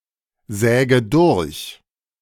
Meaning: inflection of durchsägen: 1. first-person singular present 2. first/third-person singular subjunctive I 3. singular imperative
- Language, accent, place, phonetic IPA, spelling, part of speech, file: German, Germany, Berlin, [ˌzɛːɡə ˈdʊʁç], säge durch, verb, De-säge durch.ogg